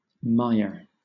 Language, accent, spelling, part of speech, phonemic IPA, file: English, Southern England, mire, noun / verb, /ˈmaɪə/, LL-Q1860 (eng)-mire.wav
- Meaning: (noun) 1. Deep mud; moist, spongy earth 2. A bog or fen; (in wetland science, specifically) a peatland which is actively forming peat, such as an active bog or fen